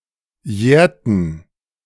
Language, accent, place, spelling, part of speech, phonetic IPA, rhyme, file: German, Germany, Berlin, jährten, verb, [ˈjɛːɐ̯tn̩], -ɛːɐ̯tn̩, De-jährten.ogg
- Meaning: inflection of jähren: 1. first/third-person plural preterite 2. first/third-person plural subjunctive II